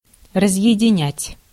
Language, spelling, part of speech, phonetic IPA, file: Russian, разъединять, verb, [rəzjɪdʲɪˈnʲætʲ], Ru-разъединять.ogg
- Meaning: 1. to separate, to part, to disjoin 2. to disconnect, to break, to cut off